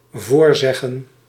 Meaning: 1. to say in advance/beforehand; 2. to say in order to have someone repeat (contrast nazeggen)
- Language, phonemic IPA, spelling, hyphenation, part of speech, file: Dutch, /ˈvoːrˌzɛ.ɣə(n)/, voorzeggen, voor‧zeg‧gen, verb, Nl-voorzeggen.ogg